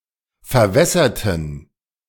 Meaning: inflection of verwässern: 1. first/third-person plural preterite 2. first/third-person plural subjunctive II
- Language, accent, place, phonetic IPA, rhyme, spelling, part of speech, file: German, Germany, Berlin, [fɛɐ̯ˈvɛsɐtn̩], -ɛsɐtn̩, verwässerten, adjective / verb, De-verwässerten.ogg